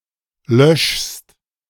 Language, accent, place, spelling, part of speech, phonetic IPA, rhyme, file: German, Germany, Berlin, löschst, verb, [lœʃst], -œʃst, De-löschst.ogg
- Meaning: second-person singular present of löschen